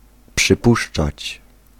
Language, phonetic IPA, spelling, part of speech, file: Polish, [pʃɨˈpuʃt͡ʃat͡ɕ], przypuszczać, verb, Pl-przypuszczać.ogg